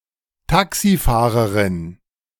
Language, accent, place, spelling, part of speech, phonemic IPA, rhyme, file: German, Germany, Berlin, Taxifahrerin, noun, /ˈtaksiˌfaːʁəʁɪn/, -aːʁəʁɪn, De-Taxifahrerin.ogg
- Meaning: a female taxi driver